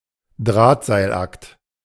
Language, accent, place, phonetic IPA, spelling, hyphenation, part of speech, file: German, Germany, Berlin, [ˈdʀaːtzaɪ̯lˌʔakt], Drahtseilakt, Draht‧seil‧akt, noun, De-Drahtseilakt.ogg
- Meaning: balancing act, tightrope